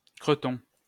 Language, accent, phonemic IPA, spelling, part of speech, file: French, France, /kʁə.tɔ̃/, creton, noun, LL-Q150 (fra)-creton.wav
- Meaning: 1. a piece of fat 2. a type of rillettes 3. a type of rillettes: creton